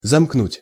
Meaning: 1. to close (by connecting) 2. to surround 3. to create a closed circuit, to short-circuit 4. to lock
- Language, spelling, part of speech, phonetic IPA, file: Russian, замкнуть, verb, [zɐmkˈnutʲ], Ru-замкнуть.ogg